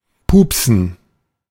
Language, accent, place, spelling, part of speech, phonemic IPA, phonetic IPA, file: German, Germany, Berlin, pupsen, verb, /ˈpuːpsən/, [ˈpuːpsn̩], De-pupsen.ogg
- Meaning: to fart (to emit flatulent gases), to pass wind